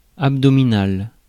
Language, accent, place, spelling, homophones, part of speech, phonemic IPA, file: French, France, Paris, abdominal, abdominale / abdominales, adjective, /ab.dɔ.mi.nal/, Fr-abdominal.ogg
- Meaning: abdominal; of the abdomen